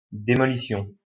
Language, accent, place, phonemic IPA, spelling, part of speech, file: French, France, Lyon, /de.mɔ.li.sjɔ̃/, démolition, noun, LL-Q150 (fra)-démolition.wav
- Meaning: demolition (the action of demolishing or destroying, in particular of buildings or other structures)